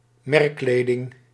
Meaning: brand clothing
- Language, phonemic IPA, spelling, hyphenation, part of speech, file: Dutch, /ˈmɛrˌkleː.dɪŋ/, merkkleding, merk‧kle‧ding, noun, Nl-merkkleding.ogg